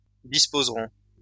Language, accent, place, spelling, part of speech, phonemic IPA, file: French, France, Lyon, disposeront, verb, /dis.poz.ʁɔ̃/, LL-Q150 (fra)-disposeront.wav
- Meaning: third-person plural future of disposer